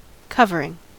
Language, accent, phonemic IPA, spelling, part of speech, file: English, US, /ˈkʌvəɹɪŋ/, covering, verb / noun, En-us-covering.ogg
- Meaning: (verb) present participle and gerund of cover; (noun) 1. That which covers or conceals; a cover; something spread or laid over or wrapped about another 2. Action of the verb to cover